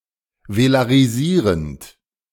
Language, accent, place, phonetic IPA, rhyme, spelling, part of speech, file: German, Germany, Berlin, [velaʁiˈziːʁənt], -iːʁənt, velarisierend, verb, De-velarisierend.ogg
- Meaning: present participle of velarisieren